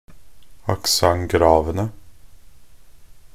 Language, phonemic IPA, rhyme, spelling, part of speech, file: Norwegian Bokmål, /akˈsaŋ.ɡrɑːʋənə/, -ənə, accent gravene, noun, Nb-accent gravene.ogg
- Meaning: definite plural of accent grave